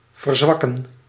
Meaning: 1. to weaken, to become weaker 2. to weaken, to make weaker
- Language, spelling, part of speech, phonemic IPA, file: Dutch, verzwakken, verb, /vərˈzʋɑ.kə(n)/, Nl-verzwakken.ogg